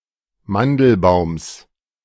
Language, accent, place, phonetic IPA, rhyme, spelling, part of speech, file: German, Germany, Berlin, [ˈmandl̩ˌbaʊ̯ms], -andl̩baʊ̯ms, Mandelbaums, noun, De-Mandelbaums.ogg
- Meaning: genitive singular of Mandelbaum